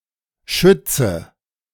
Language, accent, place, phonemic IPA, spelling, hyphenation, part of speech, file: German, Germany, Berlin, /ˈʃʏtsə/, Schütze, Schüt‧ze, noun, De-Schütze2.ogg
- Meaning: 1. shooter 2. archer, bowman 3. rifleman 4. Sagittarius 5. nominative/accusative/genitive plural of Schütz